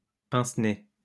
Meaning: 1. pince-nez 2. noseclip
- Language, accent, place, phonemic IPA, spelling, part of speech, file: French, France, Lyon, /pɛ̃s.ne/, pince-nez, noun, LL-Q150 (fra)-pince-nez.wav